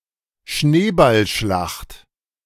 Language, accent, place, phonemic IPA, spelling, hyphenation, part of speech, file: German, Germany, Berlin, /ˈʃneːbalˌʃlaxt/, Schneeballschlacht, Schnee‧ball‧schlacht, noun, De-Schneeballschlacht.ogg
- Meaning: snowball fight